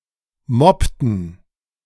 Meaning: inflection of moppen: 1. first/third-person plural preterite 2. first/third-person plural subjunctive II
- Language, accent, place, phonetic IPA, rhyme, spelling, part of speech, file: German, Germany, Berlin, [ˈmɔptn̩], -ɔptn̩, moppten, verb, De-moppten.ogg